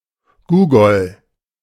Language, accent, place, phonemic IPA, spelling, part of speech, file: German, Germany, Berlin, /ˈɡuːɡɔl/, Googol, noun, De-Googol.ogg
- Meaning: googol